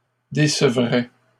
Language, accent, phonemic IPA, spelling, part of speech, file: French, Canada, /de.sə.vʁɛ/, décevrais, verb, LL-Q150 (fra)-décevrais.wav
- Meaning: first/second-person singular conditional of décevoir